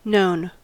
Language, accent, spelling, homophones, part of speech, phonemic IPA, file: English, General American, known, none, adjective / noun / verb, /noʊn/, En-us-known.ogg
- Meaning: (adjective) 1. Identified as a specific type; famous, renowned 2. Accepted, familiar, researched; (noun) Any fact or situation which is known or familiar